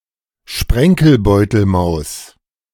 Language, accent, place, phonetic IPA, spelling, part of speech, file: German, Germany, Berlin, [ˈʃpʁɛŋkl̩ˌbɔɪ̯tl̩maʊ̯s], Sprenkelbeutelmaus, noun, De-Sprenkelbeutelmaus.ogg
- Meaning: dibbler